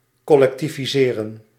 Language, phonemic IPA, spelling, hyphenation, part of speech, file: Dutch, /ˌkɔlɛktiviˈzeːrə(n)/, collectiviseren, col‧lec‧ti‧vi‧se‧ren, verb, Nl-collectiviseren.ogg
- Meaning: to collectivize